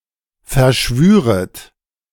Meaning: second-person plural subjunctive II of verschwören
- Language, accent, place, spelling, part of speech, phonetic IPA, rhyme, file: German, Germany, Berlin, verschwüret, verb, [fɛɐ̯ˈʃvyːʁət], -yːʁət, De-verschwüret.ogg